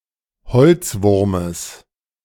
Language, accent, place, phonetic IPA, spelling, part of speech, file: German, Germany, Berlin, [ˈhɔlt͡sˌvʊʁməs], Holzwurmes, noun, De-Holzwurmes.ogg
- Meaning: genitive singular of Holzwurm